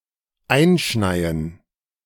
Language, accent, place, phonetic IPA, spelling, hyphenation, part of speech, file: German, Germany, Berlin, [ˈaɪ̯nˌʃnaɪ̯ən], einschneien, ein‧schnei‧en, verb, De-einschneien.ogg
- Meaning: 1. to be snowed in 2. to snow in